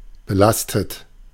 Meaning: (verb) past participle of belasten; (adjective) loaded, burdened, charged; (verb) inflection of belasten: 1. third-person singular present 2. second-person plural present 3. plural imperative
- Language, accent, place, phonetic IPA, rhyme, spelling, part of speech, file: German, Germany, Berlin, [bəˈlastət], -astət, belastet, adjective / verb, De-belastet.ogg